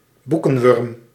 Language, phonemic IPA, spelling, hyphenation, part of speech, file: Dutch, /ˈbu.kə(n)ˌʋʏrm/, boekenwurm, boe‧ken‧wurm, noun, Nl-boekenwurm.ogg
- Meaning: bookworm